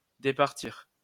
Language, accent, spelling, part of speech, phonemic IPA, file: French, France, départir, verb, /de.paʁ.tiʁ/, LL-Q150 (fra)-départir.wav
- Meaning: 1. to divest, dispose of 2. to distribute 3. to depart, to leave